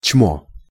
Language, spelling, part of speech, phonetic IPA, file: Russian, чмо, noun, [t͡ɕmo], Ru-чмо.ogg
- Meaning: jerk, schmuck, schmoe, scoundrel, an unpleasant or detestable person, or a person without morals